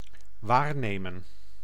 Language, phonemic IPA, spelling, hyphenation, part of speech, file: Dutch, /ˈʋaːrˌneː.mə(n)/, waarnemen, waar‧ne‧men, verb, Nl-waarnemen.ogg
- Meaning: 1. to perceive, to observe, to notice, to sense 2. to be acting, to temporarily assume the duties of another person